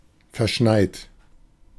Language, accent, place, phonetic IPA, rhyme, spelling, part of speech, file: German, Germany, Berlin, [fɛɐ̯ˈʃnaɪ̯t], -aɪ̯t, verschneit, adjective / verb, De-verschneit.ogg
- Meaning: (verb) past participle of verschneien; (adjective) snow-covered